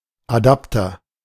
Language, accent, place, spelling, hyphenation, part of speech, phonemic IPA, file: German, Germany, Berlin, Adapter, Adap‧ter, noun, /aˈdaptɐ/, De-Adapter.ogg
- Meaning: adapter (device or application used to achieve operative compatibility)